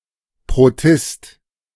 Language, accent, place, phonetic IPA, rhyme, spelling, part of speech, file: German, Germany, Berlin, [pʁoˈtɪst], -ɪst, Protist, noun, De-Protist.ogg
- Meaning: protist